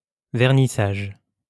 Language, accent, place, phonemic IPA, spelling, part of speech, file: French, France, Lyon, /vɛʁ.ni.saʒ/, vernissage, noun, LL-Q150 (fra)-vernissage.wav
- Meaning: 1. varnishing, glazing 2. vernissage (private viewing of an art exhibition before it opens to the public)